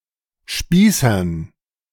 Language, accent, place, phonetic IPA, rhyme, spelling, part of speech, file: German, Germany, Berlin, [ˈʃpiːsɐn], -iːsɐn, Spießern, noun, De-Spießern.ogg
- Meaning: dative plural of Spießer